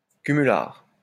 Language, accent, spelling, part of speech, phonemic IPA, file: French, France, cumulard, noun, /ky.my.laʁ/, LL-Q150 (fra)-cumulard.wav
- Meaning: moonlighter (person with several jobs)